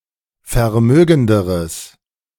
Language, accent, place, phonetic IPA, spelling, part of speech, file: German, Germany, Berlin, [fɛɐ̯ˈmøːɡn̩dəʁəs], vermögenderes, adjective, De-vermögenderes.ogg
- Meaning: strong/mixed nominative/accusative neuter singular comparative degree of vermögend